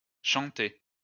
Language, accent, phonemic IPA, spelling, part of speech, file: French, France, /ʃɑ̃.te/, chantez, verb, LL-Q150 (fra)-chantez.wav
- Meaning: inflection of chanter: 1. second-person plural present indicative 2. second-person plural imperative